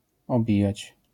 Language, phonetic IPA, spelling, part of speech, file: Polish, [ɔˈbʲijät͡ɕ], obijać, verb, LL-Q809 (pol)-obijać.wav